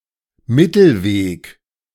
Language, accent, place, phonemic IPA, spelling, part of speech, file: German, Germany, Berlin, /ˈmɪtl̩ˌveːk/, Mittelweg, noun, De-Mittelweg.ogg
- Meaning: middle ground, middle course